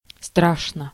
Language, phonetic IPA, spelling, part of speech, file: Russian, [ˈstraʂnə], страшно, adverb / adjective, Ru-страшно.ogg
- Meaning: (adverb) 1. terrifyingly 2. very, badly; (adjective) 1. it is frightful, it is terrifying, one is scared 2. short neuter singular of стра́шный (strášnyj)